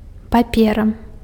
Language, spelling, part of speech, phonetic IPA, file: Belarusian, папера, noun, [paˈpʲera], Be-папера.ogg
- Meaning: paper